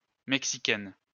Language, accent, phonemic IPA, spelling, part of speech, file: French, France, /mɛk.si.kɛn/, Mexicaine, noun, LL-Q150 (fra)-Mexicaine.wav
- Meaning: female equivalent of Mexicain